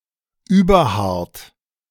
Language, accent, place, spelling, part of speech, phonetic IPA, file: German, Germany, Berlin, überhart, adjective, [ˈyːbɐˌhaʁt], De-überhart.ogg
- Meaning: overly hard